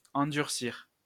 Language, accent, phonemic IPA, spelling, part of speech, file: French, France, /ɑ̃.dyʁ.siʁ/, endurcir, verb, LL-Q150 (fra)-endurcir.wav
- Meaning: 1. to harden (make harder) 2. to harden, inure